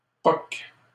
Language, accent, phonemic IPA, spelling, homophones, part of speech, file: French, Canada, /pɔk/, poque, poquent / poques, verb, LL-Q150 (fra)-poque.wav
- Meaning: inflection of poquer: 1. first/third-person singular present indicative/subjunctive 2. second-person singular imperative